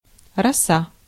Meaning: dew
- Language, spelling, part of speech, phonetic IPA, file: Russian, роса, noun, [rɐˈsa], Ru-роса.ogg